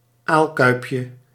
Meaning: diminutive of aalkuip
- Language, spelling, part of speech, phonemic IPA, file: Dutch, aalkuipje, noun, /ˈalkœypjə/, Nl-aalkuipje.ogg